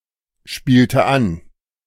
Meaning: inflection of anspielen: 1. first/third-person singular preterite 2. first/third-person singular subjunctive II
- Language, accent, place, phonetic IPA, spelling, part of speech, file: German, Germany, Berlin, [ˌʃpiːltə ˈan], spielte an, verb, De-spielte an.ogg